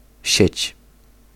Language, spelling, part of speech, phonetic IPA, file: Polish, sieć, noun, [ɕɛ̇t͡ɕ], Pl-sieć.ogg